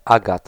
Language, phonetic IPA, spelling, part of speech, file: Polish, [ˈaɡat], agat, noun, Pl-agat.ogg